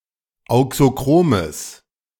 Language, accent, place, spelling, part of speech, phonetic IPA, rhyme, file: German, Germany, Berlin, auxochromes, adjective, [ˌaʊ̯ksoˈkʁoːməs], -oːməs, De-auxochromes.ogg
- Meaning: strong/mixed nominative/accusative neuter singular of auxochrom